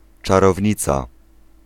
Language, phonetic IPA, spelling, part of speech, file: Polish, [ˌt͡ʃarɔvʲˈɲit͡sa], czarownica, noun, Pl-czarownica.ogg